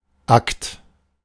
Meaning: 1. act, deed 2. act 3. nude; artwork of a naked person 4. file (collection of papers)
- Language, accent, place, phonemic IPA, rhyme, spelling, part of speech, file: German, Germany, Berlin, /akt/, -akt, Akt, noun, De-Akt.ogg